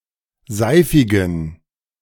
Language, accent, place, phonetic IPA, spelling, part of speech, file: German, Germany, Berlin, [ˈzaɪ̯fɪɡn̩], seifigen, adjective, De-seifigen.ogg
- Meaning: inflection of seifig: 1. strong genitive masculine/neuter singular 2. weak/mixed genitive/dative all-gender singular 3. strong/weak/mixed accusative masculine singular 4. strong dative plural